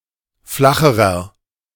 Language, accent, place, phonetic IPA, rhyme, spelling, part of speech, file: German, Germany, Berlin, [ˈflaxəʁɐ], -axəʁɐ, flacherer, adjective, De-flacherer.ogg
- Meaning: inflection of flach: 1. strong/mixed nominative masculine singular comparative degree 2. strong genitive/dative feminine singular comparative degree 3. strong genitive plural comparative degree